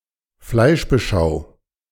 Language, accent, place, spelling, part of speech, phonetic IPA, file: German, Germany, Berlin, Fleischbeschau, noun, [ˈflaɪ̯ʃbəˌʃaʊ̯], De-Fleischbeschau.ogg
- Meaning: meat inspection